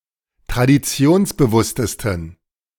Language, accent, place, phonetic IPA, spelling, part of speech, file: German, Germany, Berlin, [tʁadiˈt͡si̯oːnsbəˌvʊstəstn̩], traditionsbewusstesten, adjective, De-traditionsbewusstesten.ogg
- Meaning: 1. superlative degree of traditionsbewusst 2. inflection of traditionsbewusst: strong genitive masculine/neuter singular superlative degree